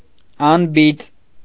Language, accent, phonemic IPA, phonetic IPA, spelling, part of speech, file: Armenian, Eastern Armenian, /ɑnˈbit͡s/, [ɑnbít͡s], անբիծ, adjective, Hy-անբիծ.ogg
- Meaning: spotless